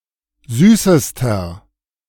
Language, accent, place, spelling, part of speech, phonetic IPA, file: German, Germany, Berlin, süßester, adjective, [ˈzyːsəstɐ], De-süßester.ogg
- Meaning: inflection of süß: 1. strong/mixed nominative masculine singular superlative degree 2. strong genitive/dative feminine singular superlative degree 3. strong genitive plural superlative degree